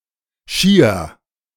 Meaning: nominative/accusative/genitive plural of Schi
- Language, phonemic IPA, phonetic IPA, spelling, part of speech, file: German, /ˈʃiːər/, [ˈʃiː.ɐ], Schier, noun, De Schier.ogg